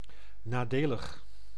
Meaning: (adjective) disadvantageous, adverse; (adverb) disadvantageously
- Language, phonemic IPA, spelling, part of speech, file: Dutch, /naˈdeləx/, nadelig, adjective, Nl-nadelig.ogg